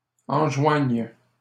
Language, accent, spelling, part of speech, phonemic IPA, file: French, Canada, enjoignes, verb, /ɑ̃.ʒwaɲ/, LL-Q150 (fra)-enjoignes.wav
- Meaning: second-person singular present subjunctive of enjoindre